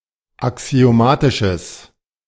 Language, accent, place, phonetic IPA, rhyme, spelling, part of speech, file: German, Germany, Berlin, [aksi̯oˈmaːtɪʃəs], -aːtɪʃəs, axiomatisches, adjective, De-axiomatisches.ogg
- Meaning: strong/mixed nominative/accusative neuter singular of axiomatisch